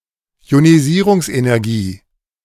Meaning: ionization energy
- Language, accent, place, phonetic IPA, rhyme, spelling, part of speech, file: German, Germany, Berlin, [i̯oniˈziːʁʊŋsʔenɛʁˌɡiː], -iːʁʊŋsʔenɛʁɡiː, Ionisierungsenergie, noun, De-Ionisierungsenergie.ogg